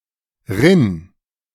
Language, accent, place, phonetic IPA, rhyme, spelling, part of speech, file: German, Germany, Berlin, [ʁɪn], -ɪn, rinn, verb, De-rinn.ogg
- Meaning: singular imperative of rinnen